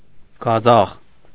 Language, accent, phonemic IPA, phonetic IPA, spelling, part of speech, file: Armenian, Eastern Armenian, /ɡɑˈzɑχ/, [ɡɑzɑ́χ], գազախ, noun, Hy-գազախ.ogg
- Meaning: ashes (remains of a fire)